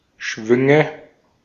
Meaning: nominative/accusative/genitive plural of Schwung
- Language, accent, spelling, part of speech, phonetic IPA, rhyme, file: German, Austria, Schwünge, noun, [ˈʃvʏŋə], -ʏŋə, De-at-Schwünge.ogg